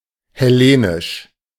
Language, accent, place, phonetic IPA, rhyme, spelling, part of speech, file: German, Germany, Berlin, [hɛˈleːnɪʃ], -eːnɪʃ, hellenisch, adjective, De-hellenisch.ogg
- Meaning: Hellenic